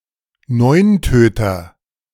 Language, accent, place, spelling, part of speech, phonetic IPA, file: German, Germany, Berlin, Neuntöter, noun, [ˈnɔɪ̯nˌtøːtɐ], De-Neuntöter.ogg
- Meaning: red-backed shrike